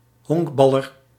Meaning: a baseball player
- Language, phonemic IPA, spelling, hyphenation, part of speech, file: Dutch, /ˈɦɔŋkˌbɑ.lər/, honkballer, honk‧bal‧ler, noun, Nl-honkballer.ogg